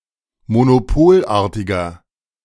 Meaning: inflection of monopolartig: 1. strong/mixed nominative masculine singular 2. strong genitive/dative feminine singular 3. strong genitive plural
- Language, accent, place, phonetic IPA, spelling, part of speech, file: German, Germany, Berlin, [monoˈpoːlˌʔaːɐ̯tɪɡɐ], monopolartiger, adjective, De-monopolartiger.ogg